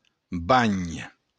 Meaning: bath
- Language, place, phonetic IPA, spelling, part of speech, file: Occitan, Béarn, [baɲ], banh, noun, LL-Q14185 (oci)-banh.wav